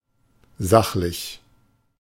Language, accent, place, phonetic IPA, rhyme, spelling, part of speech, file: German, Germany, Berlin, [ˈzaxlɪç], -axlɪç, sachlich, adjective, De-sachlich.ogg
- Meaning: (adjective) objective, factual; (adverb) objectively, factually